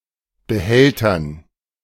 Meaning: dative plural of Behälter
- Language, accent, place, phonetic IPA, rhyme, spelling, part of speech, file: German, Germany, Berlin, [bəˈhɛltɐn], -ɛltɐn, Behältern, noun, De-Behältern.ogg